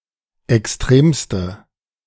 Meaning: inflection of extrem: 1. strong/mixed nominative/accusative feminine singular superlative degree 2. strong nominative/accusative plural superlative degree
- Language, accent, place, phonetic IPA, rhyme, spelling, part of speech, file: German, Germany, Berlin, [ɛksˈtʁeːmstə], -eːmstə, extremste, adjective, De-extremste.ogg